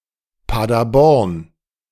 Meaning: Paderborn (a city and rural district in eastern Westphalia, North Rhine-Westphalia, Germany)
- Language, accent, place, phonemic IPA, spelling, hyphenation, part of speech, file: German, Germany, Berlin, /ˌpa(ː)dərˈbɔrn/, Paderborn, Pa‧der‧born, proper noun, De-Paderborn.ogg